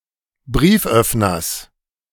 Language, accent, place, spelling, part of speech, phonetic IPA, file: German, Germany, Berlin, Brieföffners, noun, [ˈbʁiːfˌʔœfnɐs], De-Brieföffners.ogg
- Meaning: genitive singular of Brieföffner